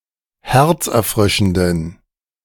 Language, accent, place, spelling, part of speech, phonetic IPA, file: German, Germany, Berlin, herzerfrischenden, adjective, [ˈhɛʁt͡sʔɛɐ̯ˌfʁɪʃn̩dən], De-herzerfrischenden.ogg
- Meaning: inflection of herzerfrischend: 1. strong genitive masculine/neuter singular 2. weak/mixed genitive/dative all-gender singular 3. strong/weak/mixed accusative masculine singular 4. strong dative plural